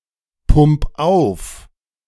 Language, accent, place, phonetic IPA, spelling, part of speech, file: German, Germany, Berlin, [ˌpʊmp ˈaʊ̯f], pump auf, verb, De-pump auf.ogg
- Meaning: 1. singular imperative of aufpumpen 2. first-person singular present of aufpumpen